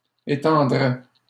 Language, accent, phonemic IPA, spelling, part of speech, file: French, Canada, /e.tɑ̃.dʁɛ/, étendraient, verb, LL-Q150 (fra)-étendraient.wav
- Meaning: third-person plural conditional of étendre